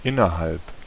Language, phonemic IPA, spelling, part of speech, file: German, /ˈɪnɐhalp/, innerhalb, preposition / adverb, De-innerhalb.ogg
- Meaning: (preposition) 1. within, inside (of) 2. within, in the space of; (adverb) 1. within, inside (spatial) 2. within, in the space of (temporal)